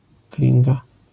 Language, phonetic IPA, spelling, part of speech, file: Polish, [ˈklʲĩŋɡa], klinga, noun, LL-Q809 (pol)-klinga.wav